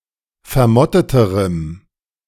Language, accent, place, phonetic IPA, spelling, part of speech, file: German, Germany, Berlin, [fɛɐ̯ˈmɔtətəʁəm], vermotteterem, adjective, De-vermotteterem.ogg
- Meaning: strong dative masculine/neuter singular comparative degree of vermottet